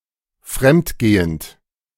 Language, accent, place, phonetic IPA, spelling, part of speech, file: German, Germany, Berlin, [ˈfʁɛmtˌɡeːənt], fremdgehend, verb, De-fremdgehend.ogg
- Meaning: present participle of fremdgehen